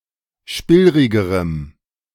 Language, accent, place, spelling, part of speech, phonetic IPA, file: German, Germany, Berlin, spillrigerem, adjective, [ˈʃpɪlʁɪɡəʁəm], De-spillrigerem.ogg
- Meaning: strong dative masculine/neuter singular comparative degree of spillrig